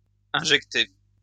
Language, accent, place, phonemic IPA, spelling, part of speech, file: French, France, Lyon, /ɛ̃.ʒɛk.te/, injecté, verb / adjective, LL-Q150 (fra)-injecté.wav
- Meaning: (verb) past participle of injecter; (adjective) bloodshot (eyes)